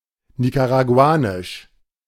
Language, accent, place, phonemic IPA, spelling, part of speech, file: German, Germany, Berlin, /ˌnikaʁaˑɡuˈaːnɪʃ/, nicaraguanisch, adjective, De-nicaraguanisch.ogg
- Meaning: of Nicaragua; Nicaraguan